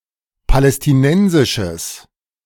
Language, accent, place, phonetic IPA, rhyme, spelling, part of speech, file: German, Germany, Berlin, [palɛstɪˈnɛnzɪʃəs], -ɛnzɪʃəs, palästinensisches, adjective, De-palästinensisches.ogg
- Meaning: strong/mixed nominative/accusative neuter singular of palästinensisch